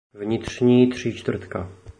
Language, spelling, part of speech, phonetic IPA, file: Czech, vnitřní tříčtvrtka, phrase, [vɲɪtr̝̊ɲiː tr̝̊iːt͡ʃtvr̩tka], Cs-vnitřní tříčtvrtka.oga
- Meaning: inside centre